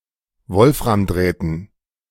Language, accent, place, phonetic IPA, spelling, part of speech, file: German, Germany, Berlin, [ˈvɔlfʁamˌdʁɛːtn̩], Wolframdrähten, noun, De-Wolframdrähten.ogg
- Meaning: dative plural of Wolframdraht